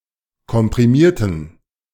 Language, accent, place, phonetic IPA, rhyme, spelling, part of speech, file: German, Germany, Berlin, [kɔmpʁiˈmiːɐ̯tn̩], -iːɐ̯tn̩, komprimierten, adjective / verb, De-komprimierten.ogg
- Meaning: inflection of komprimieren: 1. first/third-person plural preterite 2. first/third-person plural subjunctive II